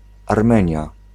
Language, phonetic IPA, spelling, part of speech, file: Polish, [arˈmɛ̃ɲja], Armenia, proper noun, Pl-Armenia.ogg